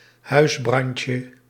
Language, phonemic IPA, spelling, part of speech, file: Dutch, /ˈhœyzbrɑncə/, huisbrandje, noun, Nl-huisbrandje.ogg
- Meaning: diminutive of huisbrand